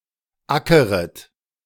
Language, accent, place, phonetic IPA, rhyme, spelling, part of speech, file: German, Germany, Berlin, [ˈakəʁət], -akəʁət, ackeret, verb, De-ackeret.ogg
- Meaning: second-person plural subjunctive I of ackern